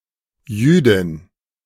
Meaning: female Jew, Jewess
- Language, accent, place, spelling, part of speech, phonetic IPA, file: German, Germany, Berlin, Jüdin, noun, [ˈjyːdɪn], De-Jüdin.ogg